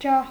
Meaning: 1. chandelier 2. torch 3. facula 4. fire, light 5. enlightened person 6. heavenly/celestial body (especially the sun)
- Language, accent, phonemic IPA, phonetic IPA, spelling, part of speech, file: Armenian, Eastern Armenian, /d͡ʒɑh/, [d͡ʒɑh], ջահ, noun, Hy-ջահ.ogg